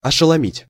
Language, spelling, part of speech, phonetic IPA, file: Russian, ошеломить, verb, [ɐʂɨɫɐˈmʲitʲ], Ru-ошеломить.ogg
- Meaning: to stun, to stupefy